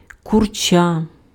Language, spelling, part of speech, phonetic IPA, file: Ukrainian, курча, noun, [kʊrˈt͡ʃa], Uk-курча.ogg
- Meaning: 1. chick, young chicken 2. naive girl